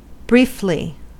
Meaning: 1. In a brief manner, summarily 2. For a brief period 3. To be brief, in short
- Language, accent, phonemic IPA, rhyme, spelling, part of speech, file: English, US, /ˈbɹiːfli/, -iːfli, briefly, adverb, En-us-briefly.ogg